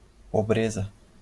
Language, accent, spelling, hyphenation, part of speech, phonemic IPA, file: Portuguese, Brazil, pobreza, po‧bre‧za, noun, /poˈbɾe.zɐ/, LL-Q5146 (por)-pobreza.wav
- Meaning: 1. poverty (quality or state of being poor) 2. a lack; a deficiency